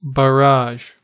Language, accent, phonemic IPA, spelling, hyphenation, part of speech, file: English, US, /bəˈɹɑʒ/, barrage, bar‧rage, noun / verb, En-us-barrage.ogg
- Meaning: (noun) An artificial obstruction, such as a dam, in a river designed to increase its depth or to divert its flow